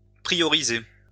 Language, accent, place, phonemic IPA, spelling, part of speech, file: French, France, Lyon, /pʁi.jɔ.ʁi.ze/, prioriser, verb, LL-Q150 (fra)-prioriser.wav
- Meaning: to prioritize